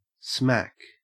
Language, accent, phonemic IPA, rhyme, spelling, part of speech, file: English, Australia, /smæk/, -æk, smack, noun / verb / adverb, En-au-smack.ogg
- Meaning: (noun) 1. A distinct flavor, especially if slight 2. A slight trace of something; a smattering 3. Synonym of heroin 4. A form of fried potato; a scallop; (verb) To get the flavor of